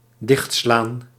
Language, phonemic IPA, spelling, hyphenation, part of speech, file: Dutch, /ˈdɪxt.slaːn/, dichtslaan, dicht‧slaan, verb, Nl-dichtslaan.ogg
- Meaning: 1. to slam shut, to be slammed shut 2. to lose composure or become confused so that one becomes unable to react